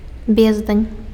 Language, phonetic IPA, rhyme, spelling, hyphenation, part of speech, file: Belarusian, [ˈbʲezdanʲ], -ezdanʲ, бездань, без‧дань, noun, Be-бездань.ogg
- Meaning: 1. abyss (immeasurable depth) 2. mountain (a large number of something that cannot be counted) 3. chasm, divide (that which separates people emotionally, e.g. a disagreement)